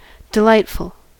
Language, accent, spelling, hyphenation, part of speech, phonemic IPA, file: English, General American, delightful, de‧light‧ful, adjective, /dəˈlaɪt.fl̩/, En-us-delightful.ogg
- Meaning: Pleasant; pleasing, bringing enjoyment, satisfaction, or pleasure